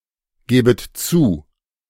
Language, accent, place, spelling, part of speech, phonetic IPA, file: German, Germany, Berlin, gebet zu, verb, [ˌɡeːbət ˈt͡suː], De-gebet zu.ogg
- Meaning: second-person plural subjunctive I of zugeben